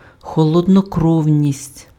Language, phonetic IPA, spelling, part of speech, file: Ukrainian, [xɔɫɔdnɔˈkrɔu̯nʲisʲtʲ], холоднокровність, noun, Uk-холоднокровність.ogg
- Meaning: sang-froid, composure